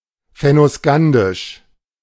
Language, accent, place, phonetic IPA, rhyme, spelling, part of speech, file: German, Germany, Berlin, [fɛnoˈskandɪʃ], -andɪʃ, fennoskandisch, adjective, De-fennoskandisch.ogg
- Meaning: Fennoscandian